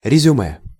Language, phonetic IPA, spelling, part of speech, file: Russian, [rʲɪzʲʊˈmɛ], резюме, noun, Ru-резюме.ogg
- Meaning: 1. summary 2. curriculum vitae, CV, resume